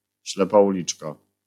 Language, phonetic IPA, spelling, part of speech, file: Polish, [ˈɕlɛpa uˈlʲit͡ʃka], ślepa uliczka, noun, LL-Q809 (pol)-ślepa uliczka.wav